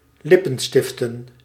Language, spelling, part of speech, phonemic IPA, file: Dutch, lippenstiften, verb / noun, /ˈlɪpənstɪftən/, Nl-lippenstiften.ogg
- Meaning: plural of lippenstift